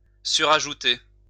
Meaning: 1. to superadd 2. to superimpose
- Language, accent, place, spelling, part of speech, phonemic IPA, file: French, France, Lyon, surajouter, verb, /sy.ʁa.ʒu.te/, LL-Q150 (fra)-surajouter.wav